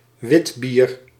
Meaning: witbier, a top-fermented beer, brewed from wheat and barley, mainly brewed in Belgium and the Netherlands
- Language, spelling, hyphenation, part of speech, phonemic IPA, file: Dutch, witbier, wit‧bier, noun, /ˈʋɪt.bir/, Nl-witbier.ogg